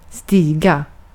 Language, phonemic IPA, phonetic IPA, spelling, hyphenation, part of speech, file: Swedish, /²stiːɡa/, [ˈs̪t̪ɪ̝͡i˧˩ˌɡ˖a˥˩], stiga, sti‧ga, verb, Sv-stiga.ogg
- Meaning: 1. to step; to move the foot in walking 2. to rise, to increase